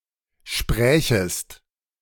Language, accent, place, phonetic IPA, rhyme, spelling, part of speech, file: German, Germany, Berlin, [ˈʃpʁɛːçəst], -ɛːçəst, sprächest, verb, De-sprächest.ogg
- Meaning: second-person singular subjunctive II of sprechen